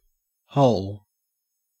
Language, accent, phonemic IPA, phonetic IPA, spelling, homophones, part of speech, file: English, Australia, /hɐʉl/, [hɔʊɫ], hole, whole, noun / verb / adjective, En-au-hole.ogg
- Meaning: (noun) 1. A hollow place or cavity; an excavation; a pit; a dent; a depression; a fissure 2. An opening that goes all the way through a solid body, a fabric, etc.; a perforation; a rent